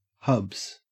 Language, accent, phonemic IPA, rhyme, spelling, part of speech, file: English, Australia, /hʌbz/, -ʌbz, hubs, noun, En-au-hubs.ogg
- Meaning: 1. plural of hub 2. Husband